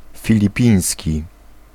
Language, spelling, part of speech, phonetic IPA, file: Polish, filipiński, adjective, [ˌfʲilʲiˈpʲĩj̃sʲci], Pl-filipiński.ogg